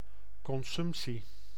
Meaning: 1. consumption, act of eating or drinking 2. portion of food or drink 3. consumption, act of consuming 4. quantity of goods and services that is consumed 5. pulmonary tuberculosis
- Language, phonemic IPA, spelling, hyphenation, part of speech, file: Dutch, /ˌkɔnˈzʏmp.si/, consumptie, con‧sump‧tie, noun, Nl-consumptie.ogg